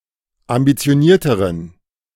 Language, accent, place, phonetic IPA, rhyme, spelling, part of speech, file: German, Germany, Berlin, [ambit͡si̯oˈniːɐ̯təʁən], -iːɐ̯təʁən, ambitionierteren, adjective, De-ambitionierteren.ogg
- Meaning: inflection of ambitioniert: 1. strong genitive masculine/neuter singular comparative degree 2. weak/mixed genitive/dative all-gender singular comparative degree